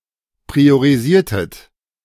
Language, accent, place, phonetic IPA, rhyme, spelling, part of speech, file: German, Germany, Berlin, [pʁioʁiˈziːɐ̯tət], -iːɐ̯tət, priorisiertet, verb, De-priorisiertet.ogg
- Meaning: inflection of priorisieren: 1. second-person plural preterite 2. second-person plural subjunctive II